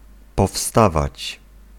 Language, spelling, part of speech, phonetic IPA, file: Polish, powstawać, verb, [pɔˈfstavat͡ɕ], Pl-powstawać.ogg